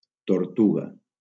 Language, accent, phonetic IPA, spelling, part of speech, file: Catalan, Valencia, [toɾˈtu.ɣa], tortuga, noun, LL-Q7026 (cat)-tortuga.wav
- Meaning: 1. turtle 2. tortoise